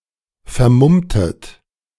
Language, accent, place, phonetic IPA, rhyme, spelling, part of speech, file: German, Germany, Berlin, [fɛɐ̯ˈmʊmtət], -ʊmtət, vermummtet, verb, De-vermummtet.ogg
- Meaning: inflection of vermummen: 1. second-person plural preterite 2. second-person plural subjunctive II